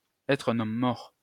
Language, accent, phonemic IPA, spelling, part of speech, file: French, France, /ɛtʁ œ̃.n‿ɔm mɔʁ/, être un homme mort, verb, LL-Q150 (fra)-être un homme mort.wav
- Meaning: to be a dead man, to be as good as dead, to be dead meat